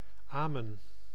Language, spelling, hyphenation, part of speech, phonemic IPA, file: Dutch, amen, amen, interjection / noun, /ˈaː.mə(n)/, Nl-amen.ogg
- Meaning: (interjection) 1. amen, so be it (at the end of a religious prayer) 2. amen; an expression of strong agreement; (noun) amen